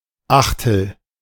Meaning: 1. eighth 2. one-eighth liter (125 milliliter) of a specified liquid, often used in recipes 3. one-eighth liter (125 milliliter) of wine
- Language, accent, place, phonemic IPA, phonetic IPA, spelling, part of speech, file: German, Germany, Berlin, /ˈaxtəl/, [ˈaxtl̩], Achtel, noun, De-Achtel.ogg